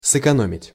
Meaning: to save, to spare
- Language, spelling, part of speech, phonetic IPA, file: Russian, сэкономить, verb, [sɨkɐˈnomʲɪtʲ], Ru-сэкономить.ogg